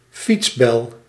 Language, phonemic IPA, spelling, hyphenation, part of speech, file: Dutch, /ˈfits.bɛl/, fietsbel, fiets‧bel, noun, Nl-fietsbel.ogg
- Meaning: a bicycle bell